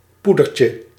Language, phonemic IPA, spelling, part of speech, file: Dutch, /ˈpudərcə/, poedertje, noun, Nl-poedertje.ogg
- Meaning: diminutive of poeder